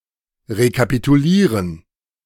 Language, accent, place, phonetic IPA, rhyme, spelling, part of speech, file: German, Germany, Berlin, [ʁekapituˈliːʁən], -iːʁən, rekapitulieren, verb, De-rekapitulieren.ogg
- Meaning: to recapitulate